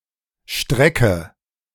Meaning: inflection of strecken: 1. first-person singular present 2. first/third-person singular subjunctive I 3. singular imperative
- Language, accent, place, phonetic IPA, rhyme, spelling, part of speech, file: German, Germany, Berlin, [ˈʃtʁɛkə], -ɛkə, strecke, verb, De-strecke.ogg